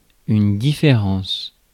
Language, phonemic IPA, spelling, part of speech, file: French, /di.fe.ʁɑ̃s/, différence, noun, Fr-différence.ogg
- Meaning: difference